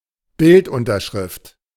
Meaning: caption of a picture
- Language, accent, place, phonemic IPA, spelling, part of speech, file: German, Germany, Berlin, /ˈbɪltʔʊntɐʃʁɪft/, Bildunterschrift, noun, De-Bildunterschrift.ogg